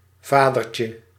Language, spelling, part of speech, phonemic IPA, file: Dutch, vadertje, noun, /ˈvadərcə/, Nl-vadertje.ogg
- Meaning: diminutive of vader